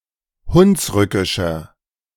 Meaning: inflection of hunsrückisch: 1. strong/mixed nominative masculine singular 2. strong genitive/dative feminine singular 3. strong genitive plural
- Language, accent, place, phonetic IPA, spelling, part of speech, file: German, Germany, Berlin, [ˈhʊnsˌʁʏkɪʃɐ], hunsrückischer, adjective, De-hunsrückischer.ogg